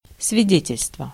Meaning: 1. government certificate 2. witness (conceptual)
- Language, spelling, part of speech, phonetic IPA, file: Russian, свидетельство, noun, [svʲɪˈdʲetʲɪlʲstvə], Ru-свидетельство.ogg